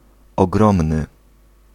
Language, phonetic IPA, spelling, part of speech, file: Polish, [ɔˈɡrɔ̃mnɨ], ogromny, adjective, Pl-ogromny.ogg